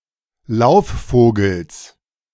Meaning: genitive of Laufvogel
- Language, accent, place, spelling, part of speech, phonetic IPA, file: German, Germany, Berlin, Laufvogels, noun, [ˈlaʊ̯fˌfoːɡl̩s], De-Laufvogels.ogg